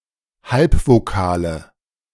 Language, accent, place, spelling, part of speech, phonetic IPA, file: German, Germany, Berlin, Halbvokale, noun, [ˈhalpvoˌkaːlə], De-Halbvokale.ogg
- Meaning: nominative/accusative/genitive plural of Halbvokal